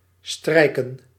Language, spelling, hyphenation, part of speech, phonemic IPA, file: Dutch, strijken, strij‧ken, verb, /ˈstrɛi̯kə(n)/, Nl-strijken.ogg
- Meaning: 1. to stroke 2. to iron, press (clothes) 3. to play a string instrument 4. to lower (sail)